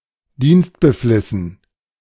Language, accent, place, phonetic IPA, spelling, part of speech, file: German, Germany, Berlin, [ˈdiːnstbəˌflɪsn̩], dienstbeflissen, adjective, De-dienstbeflissen.ogg
- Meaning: 1. officious 2. assiduous, zealous